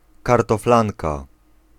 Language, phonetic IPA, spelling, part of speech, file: Polish, [ˌkartɔfˈlãnka], kartoflanka, noun, Pl-kartoflanka.ogg